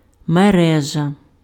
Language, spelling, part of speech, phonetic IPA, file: Ukrainian, мережа, noun, [meˈrɛʒɐ], Uk-мережа.ogg
- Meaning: 1. net 2. network, system 3. Internet